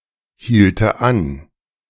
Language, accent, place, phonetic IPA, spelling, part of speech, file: German, Germany, Berlin, [ˌhiːltə ˈan], hielte an, verb, De-hielte an.ogg
- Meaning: first/third-person singular subjunctive II of anhalten